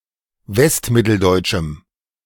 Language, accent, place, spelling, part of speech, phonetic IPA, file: German, Germany, Berlin, westmitteldeutschem, adjective, [ˈvɛstˌmɪtl̩dɔɪ̯t͡ʃm̩], De-westmitteldeutschem.ogg
- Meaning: strong dative masculine/neuter singular of westmitteldeutsch